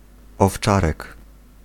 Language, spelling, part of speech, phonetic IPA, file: Polish, owczarek, noun, [ɔfˈt͡ʃarɛk], Pl-owczarek.ogg